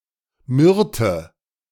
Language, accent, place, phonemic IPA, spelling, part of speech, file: German, Germany, Berlin, /ˈmʏrtə/, Myrte, noun, De-Myrte.ogg
- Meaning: myrtle (Myrtus gen. et spp.)